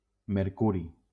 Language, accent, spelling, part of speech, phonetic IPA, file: Catalan, Valencia, mercuri, noun, [meɾˈku.ɾi], LL-Q7026 (cat)-mercuri.wav
- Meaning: mercury